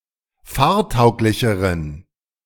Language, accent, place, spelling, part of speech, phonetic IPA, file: German, Germany, Berlin, fahrtauglicheren, adjective, [ˈfaːɐ̯ˌtaʊ̯klɪçəʁən], De-fahrtauglicheren.ogg
- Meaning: inflection of fahrtauglich: 1. strong genitive masculine/neuter singular comparative degree 2. weak/mixed genitive/dative all-gender singular comparative degree